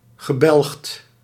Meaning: angry
- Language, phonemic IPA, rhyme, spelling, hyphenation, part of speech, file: Dutch, /ɣəˈbɛlxt/, -ɛlxt, gebelgd, ge‧belgd, adjective, Nl-gebelgd.ogg